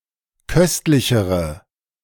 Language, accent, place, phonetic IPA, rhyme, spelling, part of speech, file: German, Germany, Berlin, [ˈkœstlɪçəʁə], -œstlɪçəʁə, köstlichere, adjective, De-köstlichere.ogg
- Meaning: inflection of köstlich: 1. strong/mixed nominative/accusative feminine singular comparative degree 2. strong nominative/accusative plural comparative degree